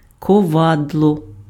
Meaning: anvil
- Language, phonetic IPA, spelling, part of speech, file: Ukrainian, [kɔˈʋadɫɔ], ковадло, noun, Uk-ковадло.ogg